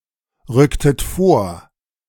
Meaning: inflection of vorrücken: 1. second-person plural preterite 2. second-person plural subjunctive II
- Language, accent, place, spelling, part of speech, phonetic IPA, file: German, Germany, Berlin, rücktet vor, verb, [ˌʁʏktət ˈfoːɐ̯], De-rücktet vor.ogg